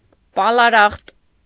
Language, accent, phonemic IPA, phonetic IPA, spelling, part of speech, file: Armenian, Eastern Armenian, /pɑlɑˈɾɑχt/, [pɑlɑɾɑ́χt], պալարախտ, noun, Hy-պալարախտ.ogg
- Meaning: tuberculosis